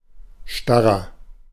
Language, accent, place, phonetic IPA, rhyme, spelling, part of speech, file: German, Germany, Berlin, [ˈʃtaʁɐ], -aʁɐ, starrer, adjective, De-starrer.ogg
- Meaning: 1. comparative degree of starr 2. inflection of starr: strong/mixed nominative masculine singular 3. inflection of starr: strong genitive/dative feminine singular